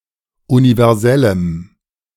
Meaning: strong dative masculine/neuter singular of universell
- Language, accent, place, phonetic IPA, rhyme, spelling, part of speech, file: German, Germany, Berlin, [univɛʁˈzɛləm], -ɛləm, universellem, adjective, De-universellem.ogg